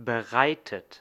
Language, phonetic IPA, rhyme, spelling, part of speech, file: German, [bəˈʁaɪ̯tət], -aɪ̯tət, bereitet, verb, De-bereitet.ogg
- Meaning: 1. past participle of bereiten 2. inflection of bereiten: third-person singular present 3. inflection of bereiten: second-person plural present 4. inflection of bereiten: plural imperative